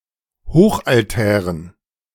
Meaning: dative plural of Hochaltar
- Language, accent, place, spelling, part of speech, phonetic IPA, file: German, Germany, Berlin, Hochaltären, noun, [ˈhoːxʔalˌtɛːʁən], De-Hochaltären.ogg